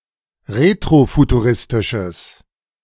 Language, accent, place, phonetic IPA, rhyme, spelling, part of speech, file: German, Germany, Berlin, [ˌʁetʁofutuˈʁɪstɪʃəs], -ɪstɪʃəs, retrofuturistisches, adjective, De-retrofuturistisches.ogg
- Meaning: strong/mixed nominative/accusative neuter singular of retrofuturistisch